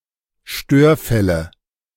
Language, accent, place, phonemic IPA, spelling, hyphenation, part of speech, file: German, Germany, Berlin, /ˈʃtøːɐ̯ˌfɛlə/, Störfälle, Stör‧fäl‧le, noun, De-Störfälle.ogg
- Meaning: nominative genitive accusative plural of Störfall